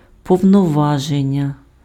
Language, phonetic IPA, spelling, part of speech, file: Ukrainian, [pɔu̯nɔˈʋaʒenʲːɐ], повноваження, noun, Uk-повноваження.ogg
- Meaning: authority, power, powers